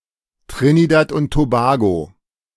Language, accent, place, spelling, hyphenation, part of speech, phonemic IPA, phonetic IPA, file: German, Germany, Berlin, Trinidad und Tobago, Tri‧ni‧dad und To‧ba‧go, proper noun, /ˌtʁɪ.ni.dat ʊnt toˈbaː.ɡoː/, [ˌtʁ̥ɪ.ni.datʰ ʔʊnt̚ tʰoˈbaː.ɡoː], De-Trinidad und Tobago.ogg
- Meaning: Trinidad and Tobago (a country consisting of two main islands and several smaller islands in the Caribbean, off the coast of Venezuela)